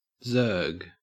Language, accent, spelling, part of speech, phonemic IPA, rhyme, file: English, Australia, zerg, verb / noun, /zɜː(ɹ)ɡ/, -ɜː(ɹ)ɡ, En-au-zerg.ogg
- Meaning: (verb) To attack an opponent with a large swarm of low-level units before they have been able to build sufficient defences; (noun) A very large group of units or players